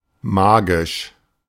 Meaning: magical
- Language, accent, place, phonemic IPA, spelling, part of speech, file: German, Germany, Berlin, /ˈmaːɡɪʃ/, magisch, adjective, De-magisch.ogg